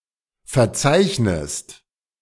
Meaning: inflection of verzeichnen: 1. second-person singular present 2. second-person singular subjunctive I
- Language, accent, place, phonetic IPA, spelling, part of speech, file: German, Germany, Berlin, [fɛɐ̯ˈt͡saɪ̯çnəst], verzeichnest, verb, De-verzeichnest.ogg